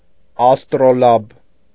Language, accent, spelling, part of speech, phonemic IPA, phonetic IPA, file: Armenian, Eastern Armenian, աստրոլաբ, noun, /ɑstɾoˈlɑb/, [ɑstɾolɑ́b], Hy-աստրոլաբ.ogg
- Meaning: astrolabe